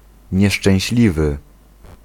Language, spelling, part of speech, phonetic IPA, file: Polish, nieszczęśliwy, adjective, [ˌɲɛʃt͡ʃɛ̃w̃ɕˈlʲivɨ], Pl-nieszczęśliwy.ogg